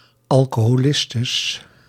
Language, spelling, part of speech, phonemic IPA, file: Dutch, alcoholistes, noun, /ˌɑlkohoˈlɪstəs/, Nl-alcoholistes.ogg
- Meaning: plural of alcoholiste